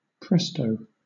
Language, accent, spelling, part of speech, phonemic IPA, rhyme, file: English, Southern England, presto, adverb / interjection / noun, /ˈpɹɛstəʊ/, -ɛstəʊ, LL-Q1860 (eng)-presto.wav
- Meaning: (adverb) Very fast or quickly; a directive for the musician(s) to play in a very quick tempo; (interjection) Used by magicians when performing a trick; ta-da; voilà